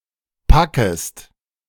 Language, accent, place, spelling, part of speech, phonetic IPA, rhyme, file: German, Germany, Berlin, packest, verb, [ˈpakəst], -akəst, De-packest.ogg
- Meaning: second-person singular subjunctive I of packen